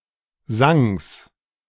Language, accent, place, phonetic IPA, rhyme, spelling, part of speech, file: German, Germany, Berlin, [ˈzaŋəs], -aŋəs, Sanges, noun, De-Sanges.ogg
- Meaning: genitive singular of Sang